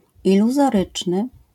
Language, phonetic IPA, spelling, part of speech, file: Polish, [ˌiluzɔˈrɨt͡ʃnɨ], iluzoryczny, adjective, LL-Q809 (pol)-iluzoryczny.wav